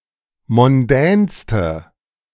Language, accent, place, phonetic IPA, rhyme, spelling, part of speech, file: German, Germany, Berlin, [mɔnˈdɛːnstə], -ɛːnstə, mondänste, adjective, De-mondänste.ogg
- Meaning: inflection of mondän: 1. strong/mixed nominative/accusative feminine singular superlative degree 2. strong nominative/accusative plural superlative degree